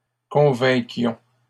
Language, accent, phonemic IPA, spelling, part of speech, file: French, Canada, /kɔ̃.vɛ̃.kjɔ̃/, convainquions, verb, LL-Q150 (fra)-convainquions.wav
- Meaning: inflection of convaincre: 1. first-person plural imperfect indicative 2. first-person plural present subjunctive